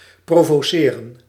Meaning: to provoke, to challenge
- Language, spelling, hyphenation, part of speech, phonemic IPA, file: Dutch, provoceren, pro‧vo‧ce‧ren, verb, /ˌproː.voːˈseː.rə(n)/, Nl-provoceren.ogg